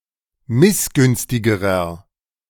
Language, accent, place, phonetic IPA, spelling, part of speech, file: German, Germany, Berlin, [ˈmɪsˌɡʏnstɪɡəʁɐ], missgünstigerer, adjective, De-missgünstigerer.ogg
- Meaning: inflection of missgünstig: 1. strong/mixed nominative masculine singular comparative degree 2. strong genitive/dative feminine singular comparative degree 3. strong genitive plural comparative degree